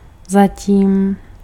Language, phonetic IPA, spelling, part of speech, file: Czech, [ˈzaciːm], zatím, adverb / interjection, Cs-zatím.ogg
- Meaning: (adverb) 1. in the meantime 2. yet, so far 3. meanwhile; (interjection) see you later, bye